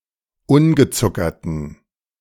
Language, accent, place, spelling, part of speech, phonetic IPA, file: German, Germany, Berlin, ungezuckerten, adjective, [ˈʊnɡəˌt͡sʊkɐtn̩], De-ungezuckerten.ogg
- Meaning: inflection of ungezuckert: 1. strong genitive masculine/neuter singular 2. weak/mixed genitive/dative all-gender singular 3. strong/weak/mixed accusative masculine singular 4. strong dative plural